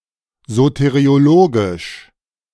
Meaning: soteriological
- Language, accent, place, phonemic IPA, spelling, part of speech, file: German, Germany, Berlin, /ˌzoteʁi̯oˈloɡɪʃ/, soteriologisch, adjective, De-soteriologisch.ogg